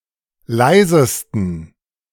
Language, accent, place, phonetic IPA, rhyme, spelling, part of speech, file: German, Germany, Berlin, [ˈlaɪ̯zəstn̩], -aɪ̯zəstn̩, leisesten, adjective, De-leisesten.ogg
- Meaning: 1. superlative degree of leise 2. inflection of leise: strong genitive masculine/neuter singular superlative degree